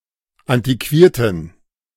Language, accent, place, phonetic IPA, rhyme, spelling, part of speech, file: German, Germany, Berlin, [ˌantiˈkviːɐ̯tn̩], -iːɐ̯tn̩, antiquierten, adjective, De-antiquierten.ogg
- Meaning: inflection of antiquiert: 1. strong genitive masculine/neuter singular 2. weak/mixed genitive/dative all-gender singular 3. strong/weak/mixed accusative masculine singular 4. strong dative plural